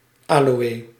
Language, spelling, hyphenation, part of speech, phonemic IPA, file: Dutch, aloë, aloë, noun, /ˈaː.loː.eː/, Nl-aloë.ogg
- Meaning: aloe, succulent of the genus Aloe